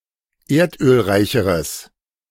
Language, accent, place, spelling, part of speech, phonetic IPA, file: German, Germany, Berlin, erdölreicheres, adjective, [ˈeːɐ̯tʔøːlˌʁaɪ̯çəʁəs], De-erdölreicheres.ogg
- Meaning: strong/mixed nominative/accusative neuter singular comparative degree of erdölreich